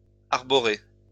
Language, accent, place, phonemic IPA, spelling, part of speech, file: French, France, Lyon, /aʁ.bɔ.ʁe/, arboré, verb, LL-Q150 (fra)-arboré.wav
- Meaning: past participle of arborer